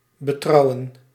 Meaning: to trust, to rely on
- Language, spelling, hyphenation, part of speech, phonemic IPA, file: Dutch, betrouwen, be‧trou‧wen, verb, /bəˈtrɑu̯ə(n)/, Nl-betrouwen.ogg